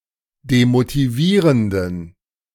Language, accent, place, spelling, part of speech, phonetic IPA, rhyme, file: German, Germany, Berlin, demotivierenden, adjective, [demotiˈviːʁəndn̩], -iːʁəndn̩, De-demotivierenden.ogg
- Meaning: inflection of demotivierend: 1. strong genitive masculine/neuter singular 2. weak/mixed genitive/dative all-gender singular 3. strong/weak/mixed accusative masculine singular 4. strong dative plural